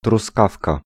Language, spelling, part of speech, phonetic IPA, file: Polish, truskawka, noun, [truˈskafka], Pl-truskawka.ogg